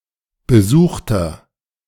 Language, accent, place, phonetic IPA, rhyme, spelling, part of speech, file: German, Germany, Berlin, [bəˈzuːxtɐ], -uːxtɐ, besuchter, adjective, De-besuchter.ogg
- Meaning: inflection of besucht: 1. strong/mixed nominative masculine singular 2. strong genitive/dative feminine singular 3. strong genitive plural